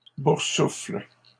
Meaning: second-person singular present indicative/subjunctive of boursoufler
- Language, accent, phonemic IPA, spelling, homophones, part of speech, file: French, Canada, /buʁ.sufl/, boursoufles, boursoufle / boursouflent, verb, LL-Q150 (fra)-boursoufles.wav